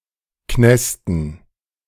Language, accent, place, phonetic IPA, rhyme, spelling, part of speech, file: German, Germany, Berlin, [ˈknɛstn̩], -ɛstn̩, Knästen, noun, De-Knästen.ogg
- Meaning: dative plural of Knast